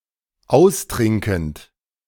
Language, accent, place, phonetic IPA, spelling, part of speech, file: German, Germany, Berlin, [ˈaʊ̯sˌtʁɪŋkn̩t], austrinkend, verb, De-austrinkend.ogg
- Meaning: present participle of austrinken